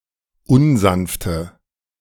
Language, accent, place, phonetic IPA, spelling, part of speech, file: German, Germany, Berlin, [ˈʊnˌzanftə], unsanfte, adjective, De-unsanfte.ogg
- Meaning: inflection of unsanft: 1. strong/mixed nominative/accusative feminine singular 2. strong nominative/accusative plural 3. weak nominative all-gender singular 4. weak accusative feminine/neuter singular